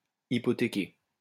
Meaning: 1. to hypothecate 2. to mortgage 3. to weaken or compromise, especially in view of immediate gain
- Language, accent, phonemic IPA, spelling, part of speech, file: French, France, /i.pɔ.te.ke/, hypothéquer, verb, LL-Q150 (fra)-hypothéquer.wav